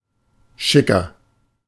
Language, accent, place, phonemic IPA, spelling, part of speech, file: German, Germany, Berlin, /ˈʃɪkɐ/, schicker, adjective, De-schicker.ogg
- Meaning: 1. tipsy, mildly drunk 2. comparative degree of schick 3. inflection of schick: strong/mixed nominative masculine singular 4. inflection of schick: strong genitive/dative feminine singular